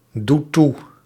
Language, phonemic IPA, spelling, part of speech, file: Dutch, /ˈdut ˈtu/, doet toe, verb, Nl-doet toe.ogg
- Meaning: inflection of toedoen: 1. second/third-person singular present indicative 2. plural imperative